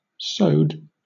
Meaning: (verb) simple past and past participle of sew; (adjective) Having been created through the sewing process
- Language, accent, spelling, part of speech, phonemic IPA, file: English, Southern England, sewed, verb / adjective, /ˈsəʊd/, LL-Q1860 (eng)-sewed.wav